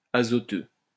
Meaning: synonym of nitreux
- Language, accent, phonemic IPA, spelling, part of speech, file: French, France, /a.zɔ.tø/, azoteux, adjective, LL-Q150 (fra)-azoteux.wav